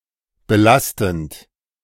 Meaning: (verb) present participle of belasten; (adjective) 1. burdening 2. frustrating, annoying 3. incriminating, inculpatory
- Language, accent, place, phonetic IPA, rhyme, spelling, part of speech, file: German, Germany, Berlin, [bəˈlastn̩t], -astn̩t, belastend, adjective / verb, De-belastend.ogg